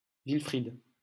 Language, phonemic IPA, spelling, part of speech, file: French, /vil.fʁid/, Wilfrid, proper noun, LL-Q150 (fra)-Wilfrid.wav
- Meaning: a male given name, equivalent to English Wilfred